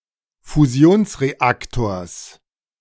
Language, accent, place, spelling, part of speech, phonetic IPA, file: German, Germany, Berlin, Fusionsreaktors, noun, [fuˈzi̯oːnsʁeˌaktoːɐ̯s], De-Fusionsreaktors.ogg
- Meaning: genitive singular of Fusionsreaktor